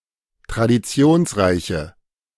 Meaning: inflection of traditionsreich: 1. strong/mixed nominative/accusative feminine singular 2. strong nominative/accusative plural 3. weak nominative all-gender singular
- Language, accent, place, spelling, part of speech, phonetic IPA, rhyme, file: German, Germany, Berlin, traditionsreiche, adjective, [tʁadiˈt͡si̯oːnsˌʁaɪ̯çə], -oːnsʁaɪ̯çə, De-traditionsreiche.ogg